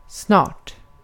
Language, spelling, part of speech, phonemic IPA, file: Swedish, snart, adjective / adverb, /snɑːʈ/, Sv-snart.ogg
- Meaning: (adjective) indefinite neuter singular of snar; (adverb) soon; within a short time